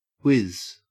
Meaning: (verb) 1. To make a whirring or hissing sound, similar to that of an object speeding through the air 2. To rush or move swiftly with such a sound 3. To throw or spin rapidly 4. To urinate
- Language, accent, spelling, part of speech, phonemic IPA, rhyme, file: English, Australia, whiz, verb / noun / preposition, /wɪz/, -ɪz, En-au-whiz.ogg